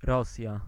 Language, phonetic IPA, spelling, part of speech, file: Polish, [ˈrɔsʲja], Rosja, proper noun, Pl-Rosja.ogg